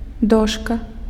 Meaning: 1. board 2. blackboard
- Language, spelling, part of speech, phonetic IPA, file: Belarusian, дошка, noun, [ˈdoʂka], Be-дошка.ogg